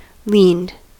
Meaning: simple past and past participle of lean
- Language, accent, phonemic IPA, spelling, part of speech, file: English, General American, /lind/, leaned, verb, En-us-leaned.ogg